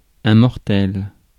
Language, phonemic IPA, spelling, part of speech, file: French, /mɔʁ.tɛl/, mortel, adjective / noun, Fr-mortel.ogg
- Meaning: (adjective) 1. mortal 2. deadly 3. wicked; cool; ace; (noun) human, mortal